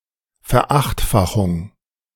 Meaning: 1. octupling 2. multiplication by eight, octuplication
- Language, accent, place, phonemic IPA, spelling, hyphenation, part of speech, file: German, Germany, Berlin, /fɛɐ̯ˈaxtˌfaxʊŋ/, Verachtfachung, Ver‧acht‧fa‧chung, noun, De-Verachtfachung.ogg